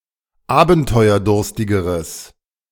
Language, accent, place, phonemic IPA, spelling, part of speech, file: German, Germany, Berlin, /ˈaːbn̩tɔɪ̯ɐˌdʊʁstɪɡəʁəs/, abenteuerdurstigeres, adjective, De-abenteuerdurstigeres.ogg
- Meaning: strong/mixed nominative/accusative neuter singular comparative degree of abenteuerdurstig